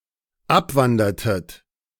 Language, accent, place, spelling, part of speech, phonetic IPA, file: German, Germany, Berlin, abwandertet, verb, [ˈapˌvandɐtət], De-abwandertet.ogg
- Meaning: inflection of abwandern: 1. second-person plural dependent preterite 2. second-person plural dependent subjunctive II